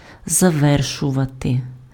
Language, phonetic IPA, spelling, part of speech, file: Ukrainian, [zɐˈʋɛrʃʊʋɐte], завершувати, verb, Uk-завершувати.ogg
- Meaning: to complete, to conclude (bring to completion)